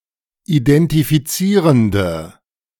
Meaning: inflection of identifizierend: 1. strong/mixed nominative/accusative feminine singular 2. strong nominative/accusative plural 3. weak nominative all-gender singular
- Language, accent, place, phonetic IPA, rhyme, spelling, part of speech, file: German, Germany, Berlin, [idɛntifiˈt͡siːʁəndə], -iːʁəndə, identifizierende, adjective, De-identifizierende.ogg